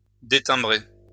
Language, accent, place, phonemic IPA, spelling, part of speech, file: French, France, Lyon, /de.tɛ̃.bʁe/, détimbrer, verb, LL-Q150 (fra)-détimbrer.wav
- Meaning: to cause a voice to lose its timbre